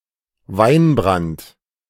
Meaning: brandy (drink made from distilled wine)
- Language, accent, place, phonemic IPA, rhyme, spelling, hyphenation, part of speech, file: German, Germany, Berlin, /ˈvaɪ̯nˌbʁant/, -ant, Weinbrand, Wein‧brand, noun, De-Weinbrand.ogg